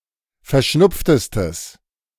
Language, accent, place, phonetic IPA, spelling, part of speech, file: German, Germany, Berlin, [fɛɐ̯ˈʃnʊp͡ftəstəs], verschnupftestes, adjective, De-verschnupftestes.ogg
- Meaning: strong/mixed nominative/accusative neuter singular superlative degree of verschnupft